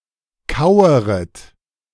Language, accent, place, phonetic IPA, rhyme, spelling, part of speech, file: German, Germany, Berlin, [ˈkaʊ̯əʁət], -aʊ̯əʁət, kaueret, verb, De-kaueret.ogg
- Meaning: second-person plural subjunctive I of kauern